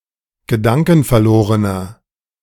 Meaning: inflection of gedankenverloren: 1. strong/mixed nominative masculine singular 2. strong genitive/dative feminine singular 3. strong genitive plural
- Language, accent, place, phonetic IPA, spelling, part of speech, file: German, Germany, Berlin, [ɡəˈdaŋkn̩fɛɐ̯ˌloːʁənɐ], gedankenverlorener, adjective, De-gedankenverlorener.ogg